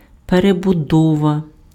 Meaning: 1. rebuilding, reconstruction 2. reorganization, restructuring, reformation 3. perestroika (a program of political and economic reform carried out in the Soviet Union in the 1980s)
- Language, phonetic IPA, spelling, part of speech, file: Ukrainian, [perebʊˈdɔʋɐ], перебудова, noun, Uk-перебудова.ogg